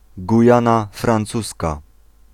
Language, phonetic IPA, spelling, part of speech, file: Polish, [ɡuˈjãna frãnˈt͡suska], Gujana Francuska, proper noun, Pl-Gujana Francuska.ogg